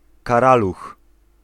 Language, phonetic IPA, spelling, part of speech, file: Polish, [kaˈralux], karaluch, noun, Pl-karaluch.ogg